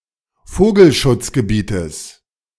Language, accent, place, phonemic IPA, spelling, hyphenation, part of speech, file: German, Germany, Berlin, /ˈfoːɡl̩.ʃʊt͡s.ɡəˌbiːtəs/, Vogelschutzgebietes, Vo‧gel‧schutz‧ge‧bie‧tes, noun, De-Vogelschutzgebietes.ogg
- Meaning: genitive singular of Vogelschutzgebiet